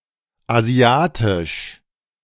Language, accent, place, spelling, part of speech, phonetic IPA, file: German, Germany, Berlin, asiatisch, adjective, [aˈzi̯aːtɪʃ], De-asiatisch.ogg
- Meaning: Asian